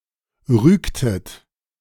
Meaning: inflection of rügen: 1. second-person plural preterite 2. second-person plural subjunctive II
- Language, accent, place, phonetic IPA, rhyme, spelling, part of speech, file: German, Germany, Berlin, [ˈʁyːktət], -yːktət, rügtet, verb, De-rügtet.ogg